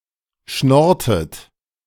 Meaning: inflection of schnorren: 1. second-person plural preterite 2. second-person plural subjunctive II
- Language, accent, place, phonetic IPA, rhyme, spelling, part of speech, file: German, Germany, Berlin, [ˈʃnɔʁtət], -ɔʁtət, schnorrtet, verb, De-schnorrtet.ogg